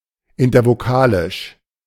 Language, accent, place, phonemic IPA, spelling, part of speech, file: German, Germany, Berlin, /ɪntɐvoˈkaːlɪʃ/, intervokalisch, adjective, De-intervokalisch.ogg
- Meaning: intervocalic